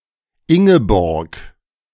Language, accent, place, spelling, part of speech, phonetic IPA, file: German, Germany, Berlin, Ingeborg, proper noun, [ˈɪŋəˌbɔʁk], De-Ingeborg.ogg
- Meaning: a female given name, popular in the 1920's